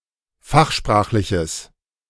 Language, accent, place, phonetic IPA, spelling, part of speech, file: German, Germany, Berlin, [ˈfaxˌʃpʁaːxlɪçəs], fachsprachliches, adjective, De-fachsprachliches.ogg
- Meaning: strong/mixed nominative/accusative neuter singular of fachsprachlich